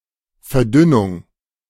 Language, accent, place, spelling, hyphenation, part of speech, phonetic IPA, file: German, Germany, Berlin, Verdünnung, Ver‧dün‧nung, noun, [fɛɐ̯ˈdʏnʊŋ], De-Verdünnung.ogg
- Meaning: dilution, thinning, rarefaction